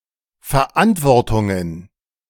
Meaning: plural of Verantwortung
- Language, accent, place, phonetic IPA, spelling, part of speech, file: German, Germany, Berlin, [fɛɐ̯ˈʔantvɔʁtʊŋən], Verantwortungen, noun, De-Verantwortungen.ogg